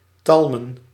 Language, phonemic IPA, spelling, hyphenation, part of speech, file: Dutch, /ˈtɑl.mə(n)/, talmen, tal‧men, verb, Nl-talmen.ogg
- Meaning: to tarry, dawdle